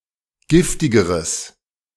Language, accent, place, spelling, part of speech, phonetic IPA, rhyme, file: German, Germany, Berlin, giftigeres, adjective, [ˈɡɪftɪɡəʁəs], -ɪftɪɡəʁəs, De-giftigeres.ogg
- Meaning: strong/mixed nominative/accusative neuter singular comparative degree of giftig